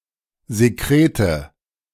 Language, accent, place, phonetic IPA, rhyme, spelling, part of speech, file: German, Germany, Berlin, [zeˈkʁeːtə], -eːtə, Sekrete, noun, De-Sekrete.ogg
- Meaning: nominative/accusative/genitive plural of Sekret